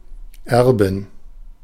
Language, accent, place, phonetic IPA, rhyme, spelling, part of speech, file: German, Germany, Berlin, [ˈɛʁbɪn], -ɛʁbɪn, Erbin, noun, De-Erbin.ogg
- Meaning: heiress